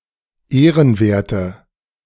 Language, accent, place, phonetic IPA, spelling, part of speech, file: German, Germany, Berlin, [ˈeːʁənˌveːɐ̯tə], ehrenwerte, adjective, De-ehrenwerte.ogg
- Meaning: inflection of ehrenwert: 1. strong/mixed nominative/accusative feminine singular 2. strong nominative/accusative plural 3. weak nominative all-gender singular